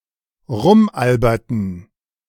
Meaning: inflection of rumalbern: 1. first/third-person plural preterite 2. first/third-person plural subjunctive II
- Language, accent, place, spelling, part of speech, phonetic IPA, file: German, Germany, Berlin, rumalberten, verb, [ˈʁʊmˌʔalbɐtn̩], De-rumalberten.ogg